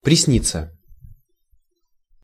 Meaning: to be dreamed [with dative ‘by someone’] (idiomatically translated by English dream with the dative object as the subject)
- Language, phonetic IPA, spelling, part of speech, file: Russian, [prʲɪsˈnʲit͡sːə], присниться, verb, Ru-присниться.ogg